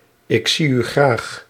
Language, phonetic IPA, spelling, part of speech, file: Dutch, [ɪk ˈsij‿y ˈɣraːx], ik zie u graag, phrase, Nl-ik zie u graag.ogg
- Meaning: I love you